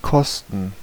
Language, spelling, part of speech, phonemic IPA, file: German, kosten, verb, /ˈkɔstən/, De-kosten.ogg
- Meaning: 1. to cost 2. to taste, try (sample the flavor of something)